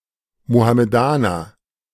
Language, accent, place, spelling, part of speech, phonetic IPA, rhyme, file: German, Germany, Berlin, Mohammedaner, noun, [mohameˈdaːnɐ], -aːnɐ, De-Mohammedaner.ogg
- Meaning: "Mohammedan": Muslim